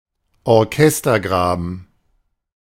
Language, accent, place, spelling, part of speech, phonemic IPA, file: German, Germany, Berlin, Orchestergraben, noun, /ɔʁˈkɛstɐˌɡʁaːbən/, De-Orchestergraben.ogg
- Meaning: orchestra pit (the area in a theatre or concert hall where the musicians sit)